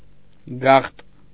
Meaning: hidden, secret
- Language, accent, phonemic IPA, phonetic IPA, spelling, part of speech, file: Armenian, Eastern Armenian, /ɡɑχt/, [ɡɑχt], գաղտ, adjective, Hy-գաղտ.ogg